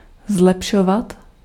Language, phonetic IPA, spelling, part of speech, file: Czech, [ˈzlɛpʃovat], zlepšovat, verb, Cs-zlepšovat.ogg
- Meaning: 1. to improve, to develop, to refine 2. to become better